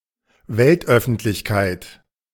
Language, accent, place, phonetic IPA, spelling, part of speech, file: German, Germany, Berlin, [ˈvɛltˌʔœfn̩tlɪçˌkaɪ̯t], Weltöffentlichkeit, noun, De-Weltöffentlichkeit.ogg
- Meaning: world / global public